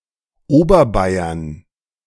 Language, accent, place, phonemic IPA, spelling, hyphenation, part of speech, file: German, Germany, Berlin, /ˈoːbɐˌbaɪ̯ɐn/, Oberbayern, Ober‧bay‧ern, proper noun, De-Oberbayern.ogg
- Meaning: Upper Bavaria (an administrative region of Bavaria; seat: Munich)